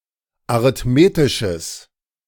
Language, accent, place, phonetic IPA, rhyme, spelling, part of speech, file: German, Germany, Berlin, [aʁɪtˈmeːtɪʃəs], -eːtɪʃəs, arithmetisches, adjective, De-arithmetisches.ogg
- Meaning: strong/mixed nominative/accusative neuter singular of arithmetisch